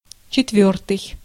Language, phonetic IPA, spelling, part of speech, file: Russian, [t͡ɕɪtˈvʲɵrtɨj], четвёртый, adjective, Ru-четвёртый.ogg
- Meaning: fourth